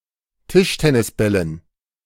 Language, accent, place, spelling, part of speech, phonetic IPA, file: German, Germany, Berlin, Tischtennisbällen, noun, [ˈtɪʃtɛnɪsˌbɛlən], De-Tischtennisbällen.ogg
- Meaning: dative plural of Tischtennisball